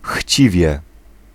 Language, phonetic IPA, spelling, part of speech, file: Polish, [ˈxʲt͡ɕivʲjɛ], chciwie, adverb, Pl-chciwie.ogg